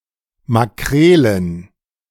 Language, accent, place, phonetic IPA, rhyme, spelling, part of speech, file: German, Germany, Berlin, [maˈkʁeːlən], -eːlən, Makrelen, noun, De-Makrelen.ogg
- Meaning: plural of Makrele